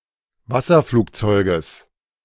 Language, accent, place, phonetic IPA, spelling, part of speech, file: German, Germany, Berlin, [ˈvasɐˌfluːkt͡sɔɪ̯ɡəs], Wasserflugzeuges, noun, De-Wasserflugzeuges.ogg
- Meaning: genitive singular of Wasserflugzeug